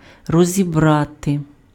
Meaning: 1. to take apart, to disassemble, to dismantle, to take to pieces 2. to parse, to analyze, to unpack
- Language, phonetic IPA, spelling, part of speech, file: Ukrainian, [rɔzʲiˈbrate], розібрати, verb, Uk-розібрати.ogg